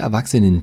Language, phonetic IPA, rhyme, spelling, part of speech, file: German, [ɛɐ̯ˈvaksənən], -aksənən, erwachsenen, adjective, De-erwachsenen.ogg
- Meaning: inflection of erwachsen: 1. strong genitive masculine/neuter singular 2. weak/mixed genitive/dative all-gender singular 3. strong/weak/mixed accusative masculine singular 4. strong dative plural